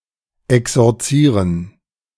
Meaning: to exorcise
- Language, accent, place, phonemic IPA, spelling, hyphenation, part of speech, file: German, Germany, Berlin, /ɛksɔʁˈt͡siːʁən/, exorzieren, ex‧or‧zie‧ren, verb, De-exorzieren.ogg